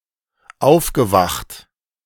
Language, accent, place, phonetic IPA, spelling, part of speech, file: German, Germany, Berlin, [ˈaʊ̯fɡəˌvaxt], aufgewacht, verb, De-aufgewacht.ogg
- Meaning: past participle of aufwachen